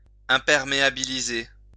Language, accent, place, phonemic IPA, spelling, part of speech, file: French, France, Lyon, /ɛ̃.pɛʁ.me.a.bi.li.ze/, imperméabiliser, verb, LL-Q150 (fra)-imperméabiliser.wav
- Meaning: to waterproof; to make waterproof